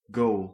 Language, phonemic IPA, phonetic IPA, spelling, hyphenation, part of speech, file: Dutch, /ɡoːl/, [ɡoːl], goal, goal, noun, Nl-goal.ogg
- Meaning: 1. goal, target in sports, especially soccer 2. a hit in it, a point scored